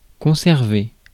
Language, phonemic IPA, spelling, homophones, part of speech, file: French, /kɔ̃.sɛʁ.ve/, conserver, conservai / conservé / conservée / conservées / conservés / conservez, verb, Fr-conserver.ogg
- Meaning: 1. to keep (in a particular place) 2. to retain, conserve, preserve